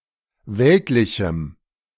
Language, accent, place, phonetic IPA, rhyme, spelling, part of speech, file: German, Germany, Berlin, [ˈvɛltlɪçm̩], -ɛltlɪçm̩, weltlichem, adjective, De-weltlichem.ogg
- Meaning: strong dative masculine/neuter singular of weltlich